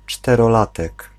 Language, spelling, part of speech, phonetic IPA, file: Polish, czterolatek, noun, [ˌt͡ʃtɛrɔˈlatɛk], Pl-czterolatek.ogg